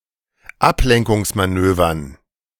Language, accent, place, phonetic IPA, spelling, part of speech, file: German, Germany, Berlin, [ˈaplɛŋkʊŋsmaˌnøːvɐn], Ablenkungsmanövern, noun, De-Ablenkungsmanövern.ogg
- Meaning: dative plural of Ablenkungsmanöver